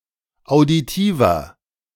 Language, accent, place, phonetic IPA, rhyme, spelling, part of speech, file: German, Germany, Berlin, [aʊ̯diˈtiːvɐ], -iːvɐ, auditiver, adjective, De-auditiver.ogg
- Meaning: inflection of auditiv: 1. strong/mixed nominative masculine singular 2. strong genitive/dative feminine singular 3. strong genitive plural